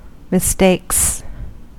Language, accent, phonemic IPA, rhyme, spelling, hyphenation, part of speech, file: English, US, /mɪˈsteɪks/, -eɪks, mistakes, mis‧takes, noun / verb, En-us-mistakes.ogg
- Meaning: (noun) plural of mistake; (verb) third-person singular simple present indicative of mistake